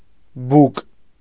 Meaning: 1. throat 2. neck 3. swallow, draught, gulp 4. the pipe of the funnel
- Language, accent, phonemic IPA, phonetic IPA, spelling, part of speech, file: Armenian, Eastern Armenian, /buk/, [buk], բուկ, noun, Hy-բուկ.ogg